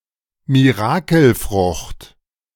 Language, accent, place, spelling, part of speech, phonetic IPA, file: German, Germany, Berlin, Mirakelfrucht, noun, [miˈʁaːkl̩ˌfʁʊxt], De-Mirakelfrucht.ogg
- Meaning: miracle berry